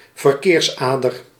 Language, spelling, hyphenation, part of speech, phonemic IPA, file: Dutch, verkeersader, ver‧keers‧ader, noun, /vərˈkeːrsˌaː.dər/, Nl-verkeersader.ogg
- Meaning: a main road, a thoroughfare essential to transit